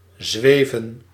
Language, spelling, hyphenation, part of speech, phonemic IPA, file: Dutch, zweven, zwe‧ven, verb, /ˈzʋeː.və(n)/, Nl-zweven.ogg
- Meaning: 1. to float, to hover 2. to glide 3. to go back and forth, to dither